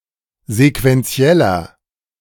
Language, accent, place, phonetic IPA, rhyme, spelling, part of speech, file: German, Germany, Berlin, [zekvɛnˈt͡si̯ɛlɐ], -ɛlɐ, sequentieller, adjective, De-sequentieller.ogg
- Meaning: inflection of sequentiell: 1. strong/mixed nominative masculine singular 2. strong genitive/dative feminine singular 3. strong genitive plural